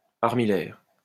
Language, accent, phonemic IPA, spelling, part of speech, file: French, France, /aʁ.mi.jɛʁ/, armillaire, adjective, LL-Q150 (fra)-armillaire.wav
- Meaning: armillary